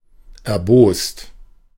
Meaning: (verb) past participle of erbosen; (adjective) angry, infuriated, furious
- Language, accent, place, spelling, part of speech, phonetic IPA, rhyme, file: German, Germany, Berlin, erbost, adjective / verb, [ɛɐ̯ˈboːst], -oːst, De-erbost.ogg